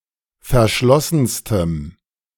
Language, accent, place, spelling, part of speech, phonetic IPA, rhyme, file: German, Germany, Berlin, verschlossenstem, adjective, [fɛɐ̯ˈʃlɔsn̩stəm], -ɔsn̩stəm, De-verschlossenstem.ogg
- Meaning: strong dative masculine/neuter singular superlative degree of verschlossen